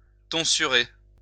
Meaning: to tonsure
- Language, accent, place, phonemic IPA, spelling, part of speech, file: French, France, Lyon, /tɔ̃.sy.ʁe/, tonsurer, verb, LL-Q150 (fra)-tonsurer.wav